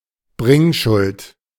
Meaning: 1. obligation to bring debt payment to the creditor 2. obligation to accomplish something
- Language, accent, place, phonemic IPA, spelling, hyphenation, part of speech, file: German, Germany, Berlin, /ˈbʁɪŋˌʃʊlt/, Bringschuld, Bring‧schuld, noun, De-Bringschuld.ogg